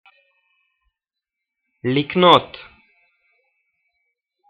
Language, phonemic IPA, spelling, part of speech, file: Hebrew, /likˈnot/, לקנות, verb, He-לקנות.ogg
- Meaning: to-infinitive of קָנָה (kaná)